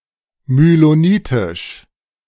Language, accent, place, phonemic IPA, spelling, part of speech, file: German, Germany, Berlin, /myloˈniːtɪʃ/, mylonitisch, adjective, De-mylonitisch.ogg
- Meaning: mylonitic